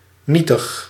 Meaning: 1. minute, puny (very small) 2. insignificant, powerless 3. annulled, void
- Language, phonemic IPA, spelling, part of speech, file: Dutch, /nitəx/, nietig, adjective, Nl-nietig.ogg